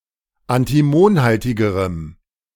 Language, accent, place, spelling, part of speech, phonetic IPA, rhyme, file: German, Germany, Berlin, antimonhaltigerem, adjective, [antiˈmoːnˌhaltɪɡəʁəm], -oːnhaltɪɡəʁəm, De-antimonhaltigerem.ogg
- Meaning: strong dative masculine/neuter singular comparative degree of antimonhaltig